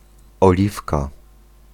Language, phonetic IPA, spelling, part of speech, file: Polish, [ɔˈlʲifka], oliwka, noun, Pl-oliwka.ogg